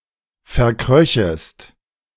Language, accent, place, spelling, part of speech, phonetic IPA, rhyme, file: German, Germany, Berlin, verkröchest, verb, [fɛɐ̯ˈkʁœçəst], -œçəst, De-verkröchest.ogg
- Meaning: second-person singular subjunctive II of verkriechen